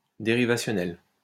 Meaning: derivational
- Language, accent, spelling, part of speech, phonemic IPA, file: French, France, dérivationnel, adjective, /de.ʁi.va.sjɔ.nɛl/, LL-Q150 (fra)-dérivationnel.wav